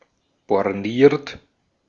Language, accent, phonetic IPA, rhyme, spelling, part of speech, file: German, Austria, [bɔʁˈniːɐ̯t], -iːɐ̯t, borniert, adjective, De-at-borniert.ogg
- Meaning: narrow-minded